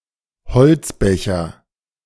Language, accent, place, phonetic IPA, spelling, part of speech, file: German, Germany, Berlin, [bəˌt͡siːst ˈaɪ̯n], beziehst ein, verb, De-beziehst ein.ogg
- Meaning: second-person singular present of einbeziehen